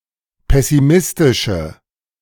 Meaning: inflection of pessimistisch: 1. strong/mixed nominative/accusative feminine singular 2. strong nominative/accusative plural 3. weak nominative all-gender singular
- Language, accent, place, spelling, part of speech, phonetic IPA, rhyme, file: German, Germany, Berlin, pessimistische, adjective, [ˌpɛsiˈmɪstɪʃə], -ɪstɪʃə, De-pessimistische.ogg